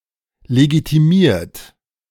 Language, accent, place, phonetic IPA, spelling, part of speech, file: German, Germany, Berlin, [leɡitiˈmiːɐ̯t], legitimiert, verb, De-legitimiert.ogg
- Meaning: 1. past participle of legitimieren 2. inflection of legitimieren: second-person plural present 3. inflection of legitimieren: third-person singular present